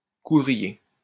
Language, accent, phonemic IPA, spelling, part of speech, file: French, France, /ku.dʁi.je/, coudrier, noun, LL-Q150 (fra)-coudrier.wav
- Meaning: synonym of noisetier: hazel